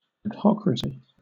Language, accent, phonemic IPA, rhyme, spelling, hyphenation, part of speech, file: English, Southern England, /ədˈhɒkɹəsi/, -ɒkɹəsi, adhocracy, ad‧hoc‧ra‧cy, noun, LL-Q1860 (eng)-adhocracy.wav
- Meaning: An organizational system designed to be flexible and responsive to the needs of the moment rather than excessively bureaucratic